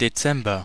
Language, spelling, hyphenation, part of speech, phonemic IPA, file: German, Dezember, De‧zem‧ber, noun, /deˈtsɛmbɐ/, De-Dezember.ogg
- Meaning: December (the twelfth and last month of the Gregorian calendar, following November and preceding the January of the following year, containing the southern solstice)